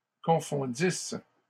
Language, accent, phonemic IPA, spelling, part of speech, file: French, Canada, /kɔ̃.fɔ̃.dis/, confondissent, verb, LL-Q150 (fra)-confondissent.wav
- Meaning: third-person plural imperfect subjunctive of confondre